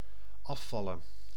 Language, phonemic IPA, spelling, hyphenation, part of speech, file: Dutch, /ˈɑfɑlə(n)/, afvallen, af‧val‧len, verb / noun, Nl-afvallen.ogg
- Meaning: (verb) 1. to fall off 2. to lose weight, slim down 3. to drop out, to no longer be able to partake 4. to renounce, to renege, to lose loyalty 5. to dispute, to go against (a person)